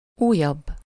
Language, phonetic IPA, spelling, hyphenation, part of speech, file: Hungarian, [ˈuːjɒbː], újabb, újabb, adjective, Hu-újabb.ogg
- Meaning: comparative degree of új